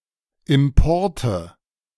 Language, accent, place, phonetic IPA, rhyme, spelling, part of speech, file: German, Germany, Berlin, [ˌɪmˈpɔʁtə], -ɔʁtə, Importe, noun, De-Importe.ogg
- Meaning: nominative/accusative/genitive plural of Import